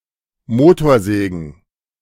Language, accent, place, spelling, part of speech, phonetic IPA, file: German, Germany, Berlin, Motorsägen, noun, [ˈmoːtoːɐ̯ˌzɛːɡn̩], De-Motorsägen.ogg
- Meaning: plural of Motorsäge